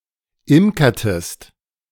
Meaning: inflection of imkern: 1. second-person singular preterite 2. second-person singular subjunctive II
- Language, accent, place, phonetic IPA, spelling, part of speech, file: German, Germany, Berlin, [ˈɪmkɐtəst], imkertest, verb, De-imkertest.ogg